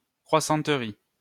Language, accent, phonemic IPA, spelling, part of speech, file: French, France, /kʁwa.sɑ̃.tʁi/, croissanterie, noun, LL-Q150 (fra)-croissanterie.wav
- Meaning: croissanterie (shop selling croissants and other fast-food)